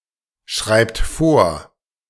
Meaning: inflection of vorschreiben: 1. third-person singular present 2. second-person plural present 3. plural imperative
- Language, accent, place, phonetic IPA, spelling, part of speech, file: German, Germany, Berlin, [ˌʃʁaɪ̯pt ˈfoːɐ̯], schreibt vor, verb, De-schreibt vor.ogg